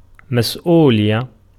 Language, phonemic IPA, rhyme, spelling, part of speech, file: Arabic, /mas.ʔuː.lij.ja/, -ijja, مسؤولية, noun, Ar-مسؤولية.ogg
- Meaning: responsibility